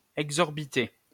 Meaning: masculine plural of exorbité
- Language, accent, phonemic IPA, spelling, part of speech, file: French, France, /ɛɡ.zɔʁ.bi.te/, exorbités, adjective, LL-Q150 (fra)-exorbités.wav